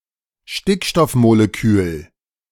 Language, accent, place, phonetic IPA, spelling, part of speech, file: German, Germany, Berlin, [ˈʃtɪkʃtɔfmoleˌkyːl], Stickstoffmolekül, noun, De-Stickstoffmolekül.ogg
- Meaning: nitrogen molecule